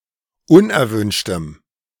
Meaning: strong dative masculine/neuter singular of unerwünscht
- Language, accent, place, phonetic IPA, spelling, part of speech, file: German, Germany, Berlin, [ˈʊnʔɛɐ̯ˌvʏnʃtəm], unerwünschtem, adjective, De-unerwünschtem.ogg